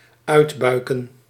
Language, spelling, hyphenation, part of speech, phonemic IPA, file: Dutch, uitbuiken, uit‧bui‧ken, verb, /ˈœy̯tbœy̯kə(n)/, Nl-uitbuiken.ogg
- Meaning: 1. to take some time to idle and relax after a good meal or between courses 2. to take a walk after a meal 3. to bulge out